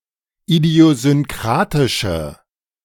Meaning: inflection of idiosynkratisch: 1. strong/mixed nominative/accusative feminine singular 2. strong nominative/accusative plural 3. weak nominative all-gender singular
- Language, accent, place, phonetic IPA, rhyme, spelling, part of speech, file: German, Germany, Berlin, [idi̯ozʏnˈkʁaːtɪʃə], -aːtɪʃə, idiosynkratische, adjective, De-idiosynkratische.ogg